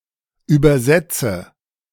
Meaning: inflection of übersetzen: 1. first-person singular present 2. first/third-person singular subjunctive I 3. singular imperative
- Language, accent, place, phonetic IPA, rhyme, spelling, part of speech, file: German, Germany, Berlin, [ˌyːbɐˈzɛt͡sə], -ɛt͡sə, übersetze, verb, De-übersetze.ogg